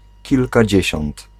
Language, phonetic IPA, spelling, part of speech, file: Polish, [ˌcilkaˈd͡ʑɛ̇ɕɔ̃nt], kilkadziesiąt, numeral, Pl-kilkadziesiąt.ogg